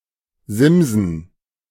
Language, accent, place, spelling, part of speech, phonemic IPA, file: German, Germany, Berlin, simsen, verb, /ˈzɪmzn̩/, De-simsen.ogg
- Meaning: to text message, to text, to SMS